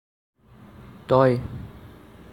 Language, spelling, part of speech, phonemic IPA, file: Assamese, তই, pronoun, /tɔi/, As-তই.ogg
- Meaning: 1. you (singular; very familiar, inferior) 2. you (singular; non honorific)